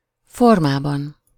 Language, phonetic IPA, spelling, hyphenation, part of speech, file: Hungarian, [ˈformaːbɒn], formában, for‧má‧ban, noun, Hu-formában.ogg
- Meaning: inessive singular of forma